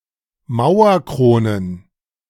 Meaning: plural of Mauerkrone
- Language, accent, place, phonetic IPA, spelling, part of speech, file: German, Germany, Berlin, [ˈmaʊ̯ɐˌkʁoːnən], Mauerkronen, noun, De-Mauerkronen.ogg